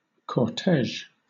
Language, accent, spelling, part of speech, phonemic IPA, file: English, Southern England, cortege, noun, /kɔɹˈtɛʒ/, LL-Q1860 (eng)-cortege.wav
- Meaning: A ceremonial procession, especially for a wedding or funeral or following a monarch